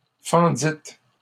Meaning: second-person plural past historic of fendre
- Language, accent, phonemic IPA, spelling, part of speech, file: French, Canada, /fɑ̃.dit/, fendîtes, verb, LL-Q150 (fra)-fendîtes.wav